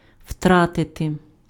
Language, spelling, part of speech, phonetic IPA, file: Ukrainian, втратити, verb, [ˈʍtratete], Uk-втратити.ogg
- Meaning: to lose